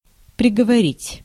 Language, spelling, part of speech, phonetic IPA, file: Russian, приговорить, verb, [prʲɪɡəvɐˈrʲitʲ], Ru-приговорить.ogg
- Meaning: to sentence (to), to convict, to damn